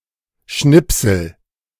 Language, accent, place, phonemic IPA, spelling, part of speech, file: German, Germany, Berlin, /ˈʃnɪpsəl/, Schnipsel, noun, De-Schnipsel.ogg
- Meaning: 1. scrap (small piece of paper, etc.) 2. excerpt (small piece of text, audio, video, etc.)